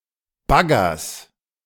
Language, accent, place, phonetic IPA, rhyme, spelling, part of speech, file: German, Germany, Berlin, [ˈbaɡɐs], -aɡɐs, Baggers, noun, De-Baggers.ogg
- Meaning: genitive singular of Bagger